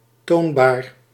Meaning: sufficiently dressed, decent, presentable
- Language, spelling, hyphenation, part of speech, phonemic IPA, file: Dutch, toonbaar, toon‧baar, adjective, /ˈtoːn.baːr/, Nl-toonbaar.ogg